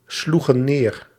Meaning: inflection of neerslaan: 1. plural past indicative 2. plural past subjunctive
- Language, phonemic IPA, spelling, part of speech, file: Dutch, /ˈsluɣə(n) ˈner/, sloegen neer, verb, Nl-sloegen neer.ogg